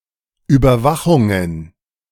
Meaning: plural of Überwachung
- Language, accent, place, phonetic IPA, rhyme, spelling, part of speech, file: German, Germany, Berlin, [yːbɐˈvaxʊŋən], -axʊŋən, Überwachungen, noun, De-Überwachungen.ogg